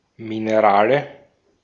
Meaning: 1. nominative plural of Mineral 2. genitive plural of Mineral 3. accusative plural of Mineral
- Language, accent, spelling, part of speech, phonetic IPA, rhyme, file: German, Austria, Minerale, noun, [mɪneˈʁaːlə], -aːlə, De-at-Minerale.ogg